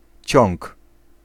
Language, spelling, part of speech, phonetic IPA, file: Polish, ciąg, noun, [t͡ɕɔ̃ŋk], Pl-ciąg.ogg